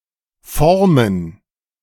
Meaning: to form, to shape (to give something a shape)
- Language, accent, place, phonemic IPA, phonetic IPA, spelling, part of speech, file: German, Germany, Berlin, /ˈfɔʁmən/, [ˈfɔʁmn̩], formen, verb, De-formen2.ogg